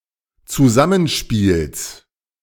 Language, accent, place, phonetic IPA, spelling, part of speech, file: German, Germany, Berlin, [t͡suˈzamənˌʃpiːls], Zusammenspiels, noun, De-Zusammenspiels.ogg
- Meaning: genitive singular of Zusammenspiel